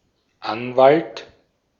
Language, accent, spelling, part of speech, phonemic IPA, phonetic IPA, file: German, Austria, Anwalt, noun, /ˈanvalt/, [ˈʔanvalt], De-at-Anwalt.ogg
- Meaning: attorney, lawyer